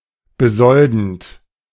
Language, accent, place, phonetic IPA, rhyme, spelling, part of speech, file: German, Germany, Berlin, [bəˈzɔldn̩t], -ɔldn̩t, besoldend, verb, De-besoldend.ogg
- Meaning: present participle of besolden